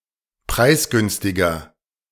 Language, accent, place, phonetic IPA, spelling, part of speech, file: German, Germany, Berlin, [ˈpʁaɪ̯sˌɡʏnstɪɡɐ], preisgünstiger, adjective, De-preisgünstiger.ogg
- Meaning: 1. comparative degree of preisgünstig 2. inflection of preisgünstig: strong/mixed nominative masculine singular 3. inflection of preisgünstig: strong genitive/dative feminine singular